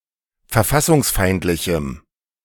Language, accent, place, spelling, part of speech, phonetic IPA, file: German, Germany, Berlin, verfassungsfeindlichem, adjective, [fɛɐ̯ˈfasʊŋsˌfaɪ̯ntlɪçm̩], De-verfassungsfeindlichem.ogg
- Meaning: strong dative masculine/neuter singular of verfassungsfeindlich